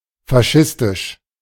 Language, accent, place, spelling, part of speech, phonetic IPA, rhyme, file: German, Germany, Berlin, faschistisch, adjective, [faˈʃɪstɪʃ], -ɪstɪʃ, De-faschistisch.ogg
- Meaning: fascist